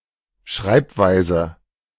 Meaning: 1. spelling (specific way of writing a word) 2. notation 3. writing style, way of writing
- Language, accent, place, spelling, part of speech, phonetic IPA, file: German, Germany, Berlin, Schreibweise, noun, [ˈʃʁaɪ̯pˌvaɪ̯zə], De-Schreibweise.ogg